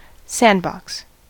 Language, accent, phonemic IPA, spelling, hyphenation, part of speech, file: English, US, /ˈsæn(d).bɑks/, sandbox, sand‧box, noun / verb, En-us-sandbox.ogg
- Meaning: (noun) 1. A children's play area consisting of a box filled with sand 2. A box filled with sand that is shaped to form a mould for metal casting